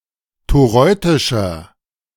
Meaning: inflection of toreutisch: 1. strong/mixed nominative masculine singular 2. strong genitive/dative feminine singular 3. strong genitive plural
- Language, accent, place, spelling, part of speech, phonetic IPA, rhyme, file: German, Germany, Berlin, toreutischer, adjective, [toˈʁɔɪ̯tɪʃɐ], -ɔɪ̯tɪʃɐ, De-toreutischer.ogg